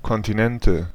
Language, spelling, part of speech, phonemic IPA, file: German, Kontinente, noun, /ˈkɔntinɛntə/, De-Kontinente.ogg
- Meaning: nominative/accusative/genitive plural of Kontinent